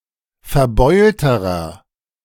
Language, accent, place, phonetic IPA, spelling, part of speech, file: German, Germany, Berlin, [fɛɐ̯ˈbɔɪ̯ltəʁɐ], verbeulterer, adjective, De-verbeulterer.ogg
- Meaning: inflection of verbeult: 1. strong/mixed nominative masculine singular comparative degree 2. strong genitive/dative feminine singular comparative degree 3. strong genitive plural comparative degree